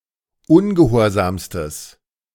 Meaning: strong/mixed nominative/accusative neuter singular superlative degree of ungehorsam
- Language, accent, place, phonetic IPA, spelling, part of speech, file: German, Germany, Berlin, [ˈʊnɡəˌhoːɐ̯zaːmstəs], ungehorsamstes, adjective, De-ungehorsamstes.ogg